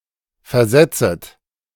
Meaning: second-person plural subjunctive I of versetzen
- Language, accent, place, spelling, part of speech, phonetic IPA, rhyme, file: German, Germany, Berlin, versetzet, verb, [fɛɐ̯ˈzɛt͡sət], -ɛt͡sət, De-versetzet.ogg